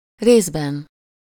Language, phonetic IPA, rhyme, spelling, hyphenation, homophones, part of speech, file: Hungarian, [ˈreːzbɛn], -ɛn, részben, rész‧ben, rézben, adverb / noun, Hu-részben.ogg
- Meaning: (adverb) partly, partially, in part, to an extent; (noun) inessive singular of rész